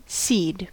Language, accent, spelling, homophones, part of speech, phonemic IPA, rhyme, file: English, US, seed, cede / sede, noun / verb, /siːd/, -iːd, En-us-seed.ogg
- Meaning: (noun) Any propagative portion of a plant which may be sown, such as true seeds, seed-like fruits, tubers, or bulbs